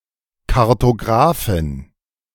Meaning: alternative spelling of Kartografin
- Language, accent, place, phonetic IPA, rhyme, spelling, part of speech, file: German, Germany, Berlin, [kaʁtoˈɡʁaːfɪn], -aːfɪn, Kartographin, noun, De-Kartographin.ogg